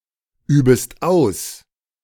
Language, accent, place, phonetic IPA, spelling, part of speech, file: German, Germany, Berlin, [ˌyːbəst ˈaʊ̯s], übest aus, verb, De-übest aus.ogg
- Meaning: second-person singular subjunctive I of ausüben